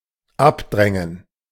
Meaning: to push away
- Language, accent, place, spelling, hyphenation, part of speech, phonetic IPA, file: German, Germany, Berlin, abdrängen, ab‧drän‧gen, verb, [ˈapˌdʁɛŋən], De-abdrängen.ogg